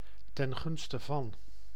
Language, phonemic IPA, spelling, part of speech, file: Dutch, /tɛŋˈɣʏnstəˌvɑn/, ten gunste van, preposition, Nl-ten gunste van.ogg
- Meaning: in favor of